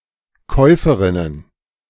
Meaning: plural of Käuferin
- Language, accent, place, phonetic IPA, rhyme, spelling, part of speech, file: German, Germany, Berlin, [ˈkɔɪ̯fəʁɪnən], -ɔɪ̯fəʁɪnən, Käuferinnen, noun, De-Käuferinnen.ogg